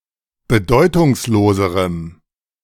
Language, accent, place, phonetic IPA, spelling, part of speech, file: German, Germany, Berlin, [bəˈdɔɪ̯tʊŋsˌloːzəʁəm], bedeutungsloserem, adjective, De-bedeutungsloserem.ogg
- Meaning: strong dative masculine/neuter singular comparative degree of bedeutungslos